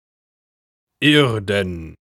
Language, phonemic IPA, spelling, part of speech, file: German, /ˈɪʁdən/, irden, adjective, De-irden.ogg
- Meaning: 1. earthen, earthenware (made of clay) 2. earthly, worldly (of this life; not heavenly)